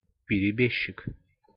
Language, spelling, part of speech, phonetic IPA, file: Russian, перебежчик, noun, [pʲɪrʲɪˈbʲeɕːɪk], Ru-перебежчик.ogg
- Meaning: defector, deserter, turncoat